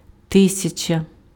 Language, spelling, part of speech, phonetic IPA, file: Ukrainian, тисяча, noun, [ˈtɪsʲɐt͡ʃɐ], Uk-тисяча.ogg
- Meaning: thousand